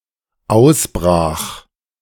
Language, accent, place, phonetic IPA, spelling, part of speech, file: German, Germany, Berlin, [ˈaʊ̯sbʁaːx], ausbrach, verb, De-ausbrach.ogg
- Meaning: first/third-person singular dependent preterite of ausbrechen